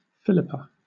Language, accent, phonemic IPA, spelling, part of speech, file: English, Southern England, /ˈfɪ.lɪ.pə/, Philippa, proper noun, LL-Q1860 (eng)-Philippa.wav
- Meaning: A female given name from Ancient Greek